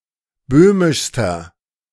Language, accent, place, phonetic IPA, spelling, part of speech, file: German, Germany, Berlin, [ˈbøːmɪʃstɐ], böhmischster, adjective, De-böhmischster.ogg
- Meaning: inflection of böhmisch: 1. strong/mixed nominative masculine singular superlative degree 2. strong genitive/dative feminine singular superlative degree 3. strong genitive plural superlative degree